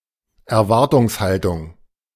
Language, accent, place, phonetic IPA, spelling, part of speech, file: German, Germany, Berlin, [ɛɐ̯ˈvaʁtʊŋsˌhaltʊŋ], Erwartungshaltung, noun, De-Erwartungshaltung.ogg
- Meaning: expectations, expectancy